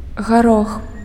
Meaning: peas
- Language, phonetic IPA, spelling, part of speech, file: Belarusian, [ɣaˈrox], гарох, noun, Be-гарох.ogg